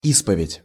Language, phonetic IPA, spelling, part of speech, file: Russian, [ˈispəvʲɪtʲ], исповедь, noun, Ru-исповедь.ogg
- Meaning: confession